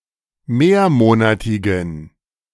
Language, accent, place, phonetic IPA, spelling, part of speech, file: German, Germany, Berlin, [ˈmeːɐ̯ˌmoːnatɪɡn̩], mehrmonatigen, adjective, De-mehrmonatigen.ogg
- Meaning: inflection of mehrmonatig: 1. strong genitive masculine/neuter singular 2. weak/mixed genitive/dative all-gender singular 3. strong/weak/mixed accusative masculine singular 4. strong dative plural